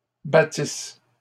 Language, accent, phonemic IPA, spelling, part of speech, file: French, Canada, /ba.tis/, battisse, verb, LL-Q150 (fra)-battisse.wav
- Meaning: first-person singular imperfect subjunctive of battre